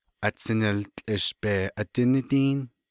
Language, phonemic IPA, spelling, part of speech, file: Navajo, /ʔɑ̀t͡sʰɪ̀nɪ̀lt͡ɬʼɪ̀ʃ pèː ʔɑ̀tɪ̀nɪ́tíːn/, atsiniltłʼish bee adinídíín, noun, Nv-atsiniltłʼish bee adinídíín.ogg
- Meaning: electric light